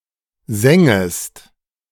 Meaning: second-person singular subjunctive I of sengen
- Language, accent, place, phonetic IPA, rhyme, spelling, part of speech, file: German, Germany, Berlin, [ˈzɛŋəst], -ɛŋəst, sengest, verb, De-sengest.ogg